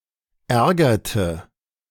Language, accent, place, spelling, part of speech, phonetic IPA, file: German, Germany, Berlin, ärgerte, verb, [ˈɛʁɡɐtə], De-ärgerte.ogg
- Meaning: inflection of ärgern: 1. first/third-person singular preterite 2. first/third-person singular subjunctive II